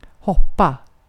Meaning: 1. to jump 2. to jump: to leap, to bound, etc
- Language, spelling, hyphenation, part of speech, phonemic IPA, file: Swedish, hoppa, hop‧pa, verb, /ˈhɔˌpa/, Sv-hoppa.ogg